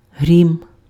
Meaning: 1. thunder, thunderbolt 2. roar, thunderous sound
- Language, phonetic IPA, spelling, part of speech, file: Ukrainian, [ɦrʲim], грім, noun, Uk-грім.ogg